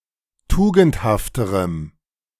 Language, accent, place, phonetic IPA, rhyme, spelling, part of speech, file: German, Germany, Berlin, [ˈtuːɡn̩thaftəʁəm], -uːɡn̩thaftəʁəm, tugendhafterem, adjective, De-tugendhafterem.ogg
- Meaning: strong dative masculine/neuter singular comparative degree of tugendhaft